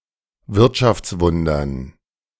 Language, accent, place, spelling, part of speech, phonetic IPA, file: German, Germany, Berlin, Wirtschaftswundern, noun, [ˈvɪʁtʃaft͡sˌvʊndɐn], De-Wirtschaftswundern.ogg
- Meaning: dative plural of Wirtschaftswunder